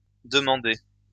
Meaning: feminine plural of demandé
- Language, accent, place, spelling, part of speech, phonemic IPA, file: French, France, Lyon, demandées, verb, /də.mɑ̃.de/, LL-Q150 (fra)-demandées.wav